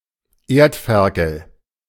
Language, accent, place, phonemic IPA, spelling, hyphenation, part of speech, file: German, Germany, Berlin, /ˈeːrtˌfɛrkəl/, Erdferkel, Erd‧fer‧kel, noun, De-Erdferkel.ogg
- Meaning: aardvark, earth pig